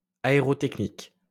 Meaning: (noun) aerotechnics, aeronautics; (adjective) aerotechnic, aeronautic
- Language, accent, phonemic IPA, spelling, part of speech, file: French, France, /a.e.ʁɔ.tɛk.nik/, aérotechnique, noun / adjective, LL-Q150 (fra)-aérotechnique.wav